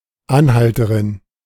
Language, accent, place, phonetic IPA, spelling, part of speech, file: German, Germany, Berlin, [ˈanˌhaltəʀɪn], Anhalterin, noun, De-Anhalterin.ogg
- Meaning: female equivalent of Anhalter (“hitchhiker”)